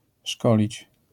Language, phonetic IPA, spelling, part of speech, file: Polish, [ˈʃkɔlʲit͡ɕ], szkolić, verb, LL-Q809 (pol)-szkolić.wav